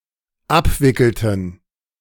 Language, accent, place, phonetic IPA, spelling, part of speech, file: German, Germany, Berlin, [ˈapˌvɪkl̩tn̩], abwickelten, verb, De-abwickelten.ogg
- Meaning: inflection of abwickeln: 1. first/third-person plural dependent preterite 2. first/third-person plural dependent subjunctive II